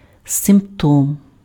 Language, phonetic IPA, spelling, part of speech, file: Ukrainian, [sempˈtɔm], симптом, noun, Uk-симптом.ogg
- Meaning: symptom